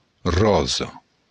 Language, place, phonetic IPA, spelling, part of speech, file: Occitan, Béarn, [ˈrɔzo], ròsa, adjective / noun, LL-Q14185 (oci)-ròsa.wav
- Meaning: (adjective) pink; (noun) rose